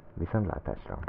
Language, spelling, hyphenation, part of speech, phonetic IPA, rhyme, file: Hungarian, viszontlátásra, vi‧szont‧lá‧tás‧ra, interjection, [ˈvisontlaːtaːʃrɒ], -rɒ, Hu-viszontlátásra.ogg
- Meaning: goodbye